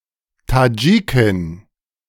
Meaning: Tajik (woman from Tajikistan)
- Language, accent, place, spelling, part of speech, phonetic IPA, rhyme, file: German, Germany, Berlin, Tadschikin, noun, [taˈd͡ʒiːkɪn], -iːkɪn, De-Tadschikin.ogg